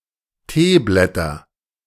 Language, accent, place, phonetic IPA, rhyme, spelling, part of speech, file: German, Germany, Berlin, [ˈteːˌblɛtɐ], -eːblɛtɐ, Teeblätter, noun, De-Teeblätter.ogg
- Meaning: nominative/accusative/genitive plural of Teeblatt